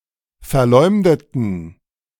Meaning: inflection of verleumden: 1. first/third-person plural preterite 2. first/third-person plural subjunctive II
- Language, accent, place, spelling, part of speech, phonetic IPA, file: German, Germany, Berlin, verleumdeten, adjective / verb, [fɛɐ̯ˈlɔɪ̯mdətn̩], De-verleumdeten.ogg